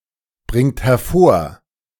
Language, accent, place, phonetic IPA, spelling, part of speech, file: German, Germany, Berlin, [ˌbʁɪŋt hɛɐ̯ˈfoːɐ̯], bringt hervor, verb, De-bringt hervor.ogg
- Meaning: inflection of hervorbringen: 1. third-person singular present 2. second-person plural present 3. plural imperative